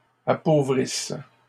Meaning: inflection of appauvrir: 1. third-person plural present indicative/subjunctive 2. third-person plural imperfect subjunctive
- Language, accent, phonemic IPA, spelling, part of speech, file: French, Canada, /a.po.vʁis/, appauvrissent, verb, LL-Q150 (fra)-appauvrissent.wav